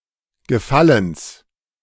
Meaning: genitive singular of Gefallen
- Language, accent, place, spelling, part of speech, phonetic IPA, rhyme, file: German, Germany, Berlin, Gefallens, noun, [ɡəˈfaləns], -aləns, De-Gefallens.ogg